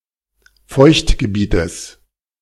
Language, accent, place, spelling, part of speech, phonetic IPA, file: German, Germany, Berlin, Feuchtgebietes, noun, [ˈfɔɪ̯çtɡəˌbiːtəs], De-Feuchtgebietes.ogg
- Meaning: genitive singular of Feuchtgebiet